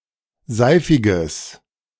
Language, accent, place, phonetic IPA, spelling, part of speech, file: German, Germany, Berlin, [ˈzaɪ̯fɪɡəs], seifiges, adjective, De-seifiges.ogg
- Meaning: strong/mixed nominative/accusative neuter singular of seifig